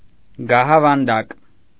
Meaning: alternative form of գահավանդ (gahavand)
- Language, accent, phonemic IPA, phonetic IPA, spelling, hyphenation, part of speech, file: Armenian, Eastern Armenian, /ɡɑhɑvɑnˈdɑk/, [ɡɑhɑvɑndɑ́k], գահավանդակ, գա‧հա‧վան‧դակ, noun, Hy-գահավանդակ.ogg